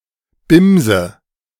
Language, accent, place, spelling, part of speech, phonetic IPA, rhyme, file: German, Germany, Berlin, Bimse, noun, [ˈbɪmzə], -ɪmzə, De-Bimse.ogg
- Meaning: nominative/accusative/genitive plural of Bims